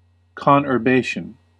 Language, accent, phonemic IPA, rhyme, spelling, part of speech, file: English, US, /ˌkɑnɚˈbeɪʃən/, -eɪʃən, conurbation, noun, En-us-conurbation.ogg
- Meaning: A continuous aggregation of built-up urban communities created as a result of urban sprawl